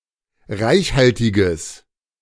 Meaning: strong/mixed nominative/accusative neuter singular of reichhaltig
- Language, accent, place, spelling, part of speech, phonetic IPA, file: German, Germany, Berlin, reichhaltiges, adjective, [ˈʁaɪ̯çˌhaltɪɡəs], De-reichhaltiges.ogg